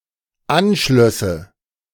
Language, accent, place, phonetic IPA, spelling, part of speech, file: German, Germany, Berlin, [ˈanˌʃlœsə], anschlösse, verb, De-anschlösse.ogg
- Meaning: first/third-person singular dependent subjunctive II of anschließen